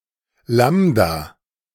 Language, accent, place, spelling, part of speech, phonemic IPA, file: German, Germany, Berlin, Lambda, noun, /ˈlamda/, De-Lambda.ogg
- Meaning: lambda (Greek letter)